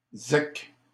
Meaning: alternative form of ZEC (“zone d'exploitation contrôlée”)
- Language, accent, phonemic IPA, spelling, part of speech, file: French, Canada, /zɛk/, zec, noun, LL-Q150 (fra)-zec.wav